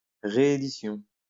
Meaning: reissue
- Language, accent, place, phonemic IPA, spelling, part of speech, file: French, France, Lyon, /ʁe.e.di.sjɔ̃/, réédition, noun, LL-Q150 (fra)-réédition.wav